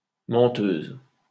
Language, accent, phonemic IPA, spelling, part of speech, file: French, France, /mɑ̃.tøz/, menteuse, noun, LL-Q150 (fra)-menteuse.wav
- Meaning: female equivalent of menteur